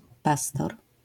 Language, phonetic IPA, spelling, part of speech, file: Polish, [ˈpastɔr], pastor, noun, LL-Q809 (pol)-pastor.wav